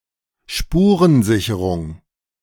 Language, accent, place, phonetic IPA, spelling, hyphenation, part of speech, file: German, Germany, Berlin, [ˈʃpuːʁənˌzɪçəʁʊŋ], Spurensicherung, Spu‧ren‧si‧che‧rung, noun, De-Spurensicherung.ogg
- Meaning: 1. securing of evidence 2. forensic squad, forensic department